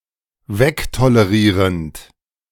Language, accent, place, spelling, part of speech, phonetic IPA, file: German, Germany, Berlin, wegtolerierend, verb, [ˈvɛktoləˌʁiːʁənt], De-wegtolerierend.ogg
- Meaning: present participle of wegtolerieren